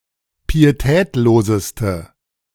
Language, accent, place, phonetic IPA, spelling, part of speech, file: German, Germany, Berlin, [piːeˈtɛːtloːzəstə], pietätloseste, adjective, De-pietätloseste.ogg
- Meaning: inflection of pietätlos: 1. strong/mixed nominative/accusative feminine singular superlative degree 2. strong nominative/accusative plural superlative degree